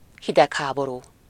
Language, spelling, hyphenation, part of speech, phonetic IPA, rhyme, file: Hungarian, hidegháború, hi‧deg‧há‧bo‧rú, noun, [ˈhidɛkhaːboruː], -ruː, Hu-hidegháború.ogg
- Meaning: cold war, Cold War